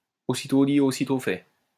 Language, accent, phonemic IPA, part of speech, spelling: French, France, /o.si.to di | o.si.to fɛ/, phrase, aussitôt dit, aussitôt fait
- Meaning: no sooner said than done